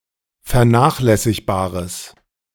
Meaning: strong/mixed nominative/accusative neuter singular of vernachlässigbar
- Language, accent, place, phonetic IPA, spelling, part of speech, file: German, Germany, Berlin, [fɛɐ̯ˈnaːxlɛsɪçbaːʁəs], vernachlässigbares, adjective, De-vernachlässigbares.ogg